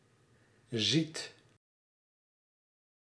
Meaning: inflection of zien: 1. second/third-person singular present indicative 2. plural imperative
- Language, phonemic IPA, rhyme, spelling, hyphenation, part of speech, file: Dutch, /zit/, -it, ziet, ziet, verb, Nl-ziet.ogg